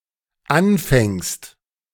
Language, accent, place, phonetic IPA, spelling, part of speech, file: German, Germany, Berlin, [ˈanˌfɛŋst], anfängst, verb, De-anfängst.ogg
- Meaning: second-person singular dependent present of anfangen